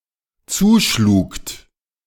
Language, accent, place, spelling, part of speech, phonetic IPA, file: German, Germany, Berlin, zuschlugt, verb, [ˈt͡suːˌʃluːkt], De-zuschlugt.ogg
- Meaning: second-person plural dependent preterite of zuschlagen